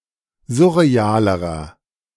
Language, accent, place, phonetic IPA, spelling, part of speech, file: German, Germany, Berlin, [ˈzʊʁeˌaːləʁɐ], surrealerer, adjective, De-surrealerer.ogg
- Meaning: inflection of surreal: 1. strong/mixed nominative masculine singular comparative degree 2. strong genitive/dative feminine singular comparative degree 3. strong genitive plural comparative degree